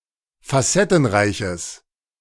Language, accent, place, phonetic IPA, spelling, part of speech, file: German, Germany, Berlin, [faˈsɛtn̩ˌʁaɪ̯çəs], facettenreiches, adjective, De-facettenreiches.ogg
- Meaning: strong/mixed nominative/accusative neuter singular of facettenreich